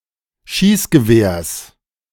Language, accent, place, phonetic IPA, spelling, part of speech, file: German, Germany, Berlin, [ˈʃiːsɡəˌveːɐ̯s], Schießgewehrs, noun, De-Schießgewehrs.ogg
- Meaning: genitive of Schießgewehr